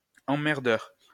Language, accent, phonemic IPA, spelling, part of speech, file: French, France, /ɑ̃.mɛʁ.dœʁ/, emmerdeur, noun, LL-Q150 (fra)-emmerdeur.wav
- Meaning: a pain in the arse (person who is irritating)